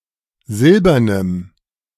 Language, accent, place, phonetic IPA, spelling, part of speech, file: German, Germany, Berlin, [ˈzɪlbɐnəm], silbernem, adjective, De-silbernem.ogg
- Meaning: strong dative masculine/neuter singular of silbern